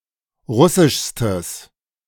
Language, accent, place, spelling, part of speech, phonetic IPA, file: German, Germany, Berlin, russischstes, adjective, [ˈʁʊsɪʃstəs], De-russischstes.ogg
- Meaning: strong/mixed nominative/accusative neuter singular superlative degree of russisch